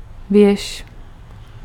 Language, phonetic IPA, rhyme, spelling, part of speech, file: Czech, [ˈvjɛʃ], -ɛʃ, věž, noun, Cs-věž.ogg
- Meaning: 1. tower 2. rook 3. sail (of a submarine)